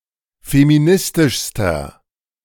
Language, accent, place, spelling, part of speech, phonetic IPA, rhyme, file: German, Germany, Berlin, feministischster, adjective, [femiˈnɪstɪʃstɐ], -ɪstɪʃstɐ, De-feministischster.ogg
- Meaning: inflection of feministisch: 1. strong/mixed nominative masculine singular superlative degree 2. strong genitive/dative feminine singular superlative degree 3. strong genitive plural superlative degree